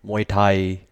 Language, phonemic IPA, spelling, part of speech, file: Thai, /mua̯j˧.tʰaj˧/, มวยไทย, noun, Th-muaythai.ogg
- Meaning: Muay Thai